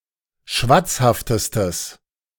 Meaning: strong/mixed nominative/accusative neuter singular superlative degree of schwatzhaft
- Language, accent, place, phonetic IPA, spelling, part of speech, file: German, Germany, Berlin, [ˈʃvat͡sˌhaftəstəs], schwatzhaftestes, adjective, De-schwatzhaftestes.ogg